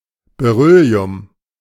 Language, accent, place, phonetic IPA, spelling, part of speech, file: German, Germany, Berlin, [beˈʀʏli̯ʊm], Beryllium, noun, De-Beryllium.ogg
- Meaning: beryllium; the chemical element and alkaline earth metal with the atomic number 4